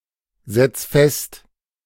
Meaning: 1. singular imperative of festsetzen 2. first-person singular present of festsetzen
- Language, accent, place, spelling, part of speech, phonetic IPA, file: German, Germany, Berlin, setz fest, verb, [ˌzɛt͡s ˈfɛst], De-setz fest.ogg